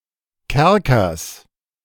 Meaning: genitive of Kerker
- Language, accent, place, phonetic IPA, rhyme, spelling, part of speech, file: German, Germany, Berlin, [ˈkɛʁkɐs], -ɛʁkɐs, Kerkers, noun, De-Kerkers.ogg